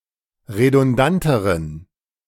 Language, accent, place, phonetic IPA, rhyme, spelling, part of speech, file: German, Germany, Berlin, [ʁedʊnˈdantəʁən], -antəʁən, redundanteren, adjective, De-redundanteren.ogg
- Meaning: inflection of redundant: 1. strong genitive masculine/neuter singular comparative degree 2. weak/mixed genitive/dative all-gender singular comparative degree